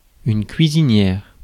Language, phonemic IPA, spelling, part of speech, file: French, /kɥi.zi.njɛʁ/, cuisinière, noun, Fr-cuisinière.ogg
- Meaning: 1. cook (“person, occupation”): female equivalent of cuisinier 2. cooker (“instrument for cooking”) 3. cooker (“instrument for cooking”): stove, range (white appliance, white goods, kitchen appliance)